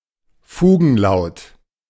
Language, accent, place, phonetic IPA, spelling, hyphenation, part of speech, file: German, Germany, Berlin, [ˈfuːɡn̩ˌlaʊ̯t], Fugenlaut, Fu‧gen‧laut, noun, De-Fugenlaut.ogg
- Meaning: interfix